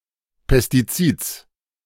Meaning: genitive singular of Pestizid
- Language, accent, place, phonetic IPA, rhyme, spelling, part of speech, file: German, Germany, Berlin, [pɛstiˈt͡siːt͡s], -iːt͡s, Pestizids, noun, De-Pestizids.ogg